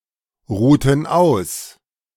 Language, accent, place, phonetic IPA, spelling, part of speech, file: German, Germany, Berlin, [ˌʁuːtn̩ ˈaʊ̯s], ruhten aus, verb, De-ruhten aus.ogg
- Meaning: inflection of ausruhen: 1. first/third-person plural preterite 2. first/third-person plural subjunctive II